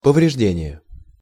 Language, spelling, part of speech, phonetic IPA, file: Russian, повреждение, noun, [pəvrʲɪʐˈdʲenʲɪje], Ru-повреждение.ogg
- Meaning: 1. damage 2. injury